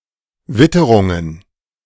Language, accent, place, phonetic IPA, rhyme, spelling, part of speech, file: German, Germany, Berlin, [ˈvɪtəʁʊŋən], -ɪtəʁʊŋən, Witterungen, noun, De-Witterungen.ogg
- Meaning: plural of Witterung